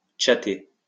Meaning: to chat
- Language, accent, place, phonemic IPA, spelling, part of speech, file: French, France, Lyon, /tʃa.te/, tchatter, verb, LL-Q150 (fra)-tchatter.wav